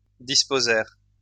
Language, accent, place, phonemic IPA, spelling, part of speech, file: French, France, Lyon, /dis.po.zɛʁ/, disposèrent, verb, LL-Q150 (fra)-disposèrent.wav
- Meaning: third-person plural past historic of disposer